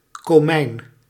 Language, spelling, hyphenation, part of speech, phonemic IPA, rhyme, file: Dutch, komijn, ko‧mijn, noun, /koːˈmɛi̯n/, -ɛi̯n, Nl-komijn.ogg
- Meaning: 1. cumin (Cuminum cyminum) 2. cumin seed, used as a spice